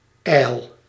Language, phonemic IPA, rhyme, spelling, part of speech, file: Dutch, /ɛi̯l/, -ɛi̯l, ijl, adjective / verb / noun, Nl-ijl.ogg
- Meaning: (adjective) 1. rarefied (of a gas etc.), not dense 2. skinny, lacking fat 3. empty; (verb) inflection of ijlen (“speak deliriously”): first-person singular present indicative